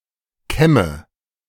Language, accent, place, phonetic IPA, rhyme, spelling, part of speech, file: German, Germany, Berlin, [ˈkɛmə], -ɛmə, kämme, verb, De-kämme.ogg
- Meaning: inflection of kämmen: 1. first-person singular present 2. first/third-person singular subjunctive I 3. singular imperative